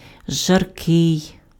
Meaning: hot, sultry, torrid (weather, climate, air, sun)
- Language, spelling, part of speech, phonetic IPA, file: Ukrainian, жаркий, adjective, [ʒɐrˈkɪi̯], Uk-жаркий.ogg